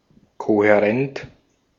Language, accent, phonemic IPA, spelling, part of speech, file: German, Austria, /kohɛˈʁɛnt/, kohärent, adjective, De-at-kohärent.ogg
- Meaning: coherent